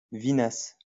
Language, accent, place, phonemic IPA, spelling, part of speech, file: French, France, Lyon, /vi.nas/, vinasse, noun, LL-Q150 (fra)-vinasse.wav
- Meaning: 1. vinasse 2. plonk (poor-quality, bad-tasting wine)